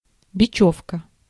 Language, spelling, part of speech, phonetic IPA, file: Russian, бечёвка, noun, [bʲɪˈt͡ɕɵfkə], Ru-бечёвка.ogg
- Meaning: twine, string, pack thread